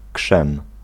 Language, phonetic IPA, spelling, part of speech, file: Polish, [kʃɛ̃m], krzem, noun, Pl-krzem.ogg